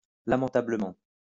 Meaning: awfully; lamentably
- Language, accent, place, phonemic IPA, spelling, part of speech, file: French, France, Lyon, /la.mɑ̃.ta.blə.mɑ̃/, lamentablement, adverb, LL-Q150 (fra)-lamentablement.wav